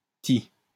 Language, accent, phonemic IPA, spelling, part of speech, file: French, France, /ti/, ti, particle, LL-Q150 (fra)-ti.wav
- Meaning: question marker